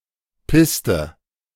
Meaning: 1. piste, ski slope 2. runway 3. track
- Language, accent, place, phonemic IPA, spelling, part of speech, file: German, Germany, Berlin, /ˈpɪstə/, Piste, noun, De-Piste.ogg